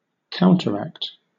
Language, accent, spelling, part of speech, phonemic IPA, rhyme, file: English, Southern England, counteract, noun / verb, /ˈkaʊntəɹˌækt/, -ækt, LL-Q1860 (eng)-counteract.wav
- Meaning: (noun) An action performed in opposition to another action; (verb) To have a contrary or opposing effect or force on someone or something